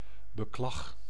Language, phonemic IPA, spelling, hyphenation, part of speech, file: Dutch, /bəˈklɑx/, beklag, be‧klag, noun, Nl-beklag.ogg
- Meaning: 1. the act of complaining 2. the act of mourning and weeping